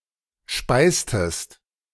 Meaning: inflection of speisen: 1. second-person singular preterite 2. second-person singular subjunctive II
- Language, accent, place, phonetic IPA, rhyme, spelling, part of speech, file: German, Germany, Berlin, [ˈʃpaɪ̯stəst], -aɪ̯stəst, speistest, verb, De-speistest.ogg